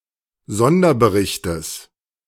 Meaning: genitive singular of Sonderbericht
- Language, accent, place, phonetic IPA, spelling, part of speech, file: German, Germany, Berlin, [ˈzɔndɐbəˌʁɪçtəs], Sonderberichtes, noun, De-Sonderberichtes.ogg